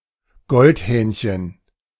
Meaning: goldcrest (Regulus regulus)
- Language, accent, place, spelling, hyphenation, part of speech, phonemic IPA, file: German, Germany, Berlin, Goldhähnchen, Gold‧hähn‧chen, noun, /ˈɡɔltˌhɛːnçən/, De-Goldhähnchen.ogg